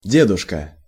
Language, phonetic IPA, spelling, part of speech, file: Russian, [ˈdʲedʊʂkə], дедушка, noun, Ru-дедушка.ogg
- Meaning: 1. diminutive of дед (ded): grandfather 2. diminutive of дед (ded): old man 3. top of the house, ninety in the lotto game